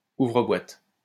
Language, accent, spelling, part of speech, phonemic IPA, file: French, France, ouvre-boîtes, noun, /u.vʁə.bwat/, LL-Q150 (fra)-ouvre-boîtes.wav
- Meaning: can-opener, tin-opener